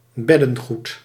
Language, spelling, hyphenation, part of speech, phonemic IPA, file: Dutch, beddengoed, bed‧den‧goed, noun, /ˈbɛ.də(n)ˌɣut/, Nl-beddengoed.ogg
- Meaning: bedding (sheets, blankets etc.)